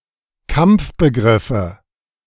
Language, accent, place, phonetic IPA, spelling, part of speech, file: German, Germany, Berlin, [ˈkamp͡fbəˌɡʁɪfə], Kampfbegriffe, noun, De-Kampfbegriffe.ogg
- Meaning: nominative/accusative/genitive plural of Kampfbegriff